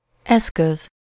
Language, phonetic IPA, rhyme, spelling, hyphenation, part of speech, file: Hungarian, [ˈɛskøz], -øz, eszköz, esz‧köz, noun, Hu-eszköz.ogg
- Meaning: 1. instrument, tool, utensil 2. means, medium, vehicle, device